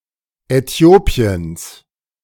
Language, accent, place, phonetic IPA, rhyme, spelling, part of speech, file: German, Germany, Berlin, [ɛˈti̯oːpi̯əns], -oːpi̯əns, Äthiopiens, noun, De-Äthiopiens.ogg
- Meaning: genitive singular of Äthiopien